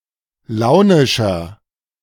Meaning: 1. comparative degree of launisch 2. inflection of launisch: strong/mixed nominative masculine singular 3. inflection of launisch: strong genitive/dative feminine singular
- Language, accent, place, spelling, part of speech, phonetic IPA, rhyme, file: German, Germany, Berlin, launischer, adjective, [ˈlaʊ̯nɪʃɐ], -aʊ̯nɪʃɐ, De-launischer.ogg